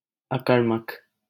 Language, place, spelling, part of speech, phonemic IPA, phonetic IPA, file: Hindi, Delhi, अकर्मक, adjective, /ə.kəɾ.mək/, [ɐ.kɐɾ.mɐk], LL-Q1568 (hin)-अकर्मक.wav
- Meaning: intransitive